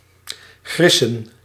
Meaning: 1. to snatch, to grab 2. to abduct, to kidnap
- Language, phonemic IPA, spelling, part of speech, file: Dutch, /ˈɣrɪsə(n)/, grissen, verb, Nl-grissen.ogg